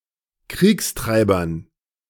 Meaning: dative plural of Kriegstreiber
- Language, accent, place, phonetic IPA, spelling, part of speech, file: German, Germany, Berlin, [ˈkʁiːksˌtʁaɪ̯bɐn], Kriegstreibern, noun, De-Kriegstreibern.ogg